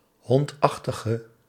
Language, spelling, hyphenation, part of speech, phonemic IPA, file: Dutch, hondachtige, hond‧ach‧ti‧ge, noun / adjective, /ˈɦɔntˌɑx.tə.ɣə/, Nl-hondachtige.ogg
- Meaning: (noun) canid, any member of the family Canidae; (adjective) inflection of hondachtig: 1. masculine/feminine singular attributive 2. definite neuter singular attributive 3. plural attributive